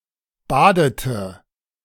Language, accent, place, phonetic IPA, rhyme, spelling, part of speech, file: German, Germany, Berlin, [ˈbaːdətə], -aːdətə, badete, verb, De-badete.ogg
- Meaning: inflection of baden: 1. first/third-person singular preterite 2. first/third-person singular subjunctive II